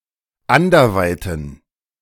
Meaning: inflection of anderweit: 1. strong genitive masculine/neuter singular 2. weak/mixed genitive/dative all-gender singular 3. strong/weak/mixed accusative masculine singular 4. strong dative plural
- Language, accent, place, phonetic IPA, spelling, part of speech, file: German, Germany, Berlin, [ˈandɐˌvaɪ̯tən], anderweiten, adjective, De-anderweiten.ogg